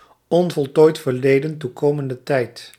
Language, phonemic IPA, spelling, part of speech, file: Dutch, /ˌoveteˈte/, o.v.t.t., noun, Nl-o.v.t.t..ogg
- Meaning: abbreviation of onvoltooid verleden toekomende tijd